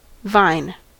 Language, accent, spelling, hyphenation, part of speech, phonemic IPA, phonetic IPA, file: English, US, vine, vine, noun, /ˈvaɪ̯n/, [ˈvaɪ̯n], En-us-vine.ogg
- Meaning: 1. Any plant whose stem requires support and which climbs by tendrils or twining 2. Any plant the stem of which creeps along the ground